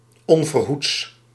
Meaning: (adverb) unexpectedly, suddenly; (adjective) unexpected, sudden
- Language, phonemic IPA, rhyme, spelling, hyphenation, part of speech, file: Dutch, /ˌɔn.vərˈɦuts/, -uts, onverhoeds, on‧ver‧hoeds, adverb / adjective, Nl-onverhoeds.ogg